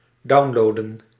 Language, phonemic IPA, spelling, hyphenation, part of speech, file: Dutch, /ˈdɑu̯nloːdə(n)/, downloaden, down‧loa‧den, verb, Nl-downloaden.ogg
- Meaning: to download